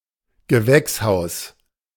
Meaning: greenhouse, hothouse, forcing house
- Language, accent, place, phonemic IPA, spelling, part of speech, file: German, Germany, Berlin, /ɡəˈvɛksˌhaʊ̯s/, Gewächshaus, noun, De-Gewächshaus.ogg